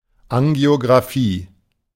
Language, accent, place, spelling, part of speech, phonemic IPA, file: German, Germany, Berlin, Angiografie, noun, /aŋɡi̯oɡʁaˈfiː/, De-Angiografie.ogg
- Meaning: angiography